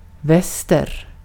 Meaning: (noun) west; one of the four major compass points; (adverb) west; westward
- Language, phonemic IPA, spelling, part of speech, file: Swedish, /ˈvɛsːtɛr/, väster, noun / adverb, Sv-väster.ogg